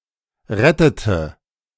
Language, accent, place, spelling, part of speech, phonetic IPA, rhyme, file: German, Germany, Berlin, rettete, verb, [ˈʁɛtətə], -ɛtətə, De-rettete.ogg
- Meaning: inflection of retten: 1. first/third-person singular preterite 2. first/third-person singular subjunctive II